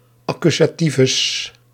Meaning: the accusative case or a word therein
- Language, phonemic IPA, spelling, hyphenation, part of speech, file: Dutch, /ˈɑ.ky.zaːˌti.vʏs/, accusativus, ac‧cu‧sa‧ti‧vus, noun, Nl-accusativus.ogg